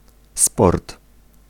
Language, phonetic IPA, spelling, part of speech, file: Polish, [spɔrt], sport, noun, Pl-sport.ogg